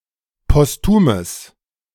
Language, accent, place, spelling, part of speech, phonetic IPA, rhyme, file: German, Germany, Berlin, postumes, adjective, [pɔsˈtuːməs], -uːməs, De-postumes.ogg
- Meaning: strong/mixed nominative/accusative neuter singular of postum